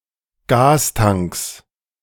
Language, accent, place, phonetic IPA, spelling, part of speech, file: German, Germany, Berlin, [ˈɡaːsˌtaŋks], Gastanks, noun, De-Gastanks.ogg
- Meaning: plural of Gastank